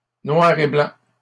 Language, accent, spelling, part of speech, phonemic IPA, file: French, Canada, noir et blanc, adjective, /nwaʁ e blɑ̃/, LL-Q150 (fra)-noir et blanc.wav
- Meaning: black-and-white (displaying images in shades of grey/gray)